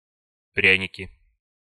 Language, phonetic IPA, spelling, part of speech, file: Russian, [ˈprʲænʲɪkʲɪ], пряники, noun, Ru-пряники.ogg
- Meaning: nominative/accusative plural of пря́ник (prjánik)